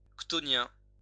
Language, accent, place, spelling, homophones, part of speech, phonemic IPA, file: French, France, Lyon, chthonien, chthoniens, adjective, /ktɔ.njɛ̃/, LL-Q150 (fra)-chthonien.wav
- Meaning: chthonian